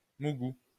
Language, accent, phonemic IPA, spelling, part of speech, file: French, France, /mu.ɡu/, mougou, verb, LL-Q150 (fra)-mougou.wav
- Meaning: to have sex with